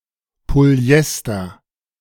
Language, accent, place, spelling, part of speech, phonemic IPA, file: German, Germany, Berlin, Polyester, noun, /polyˈʔɛstər/, De-Polyester.ogg
- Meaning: polyester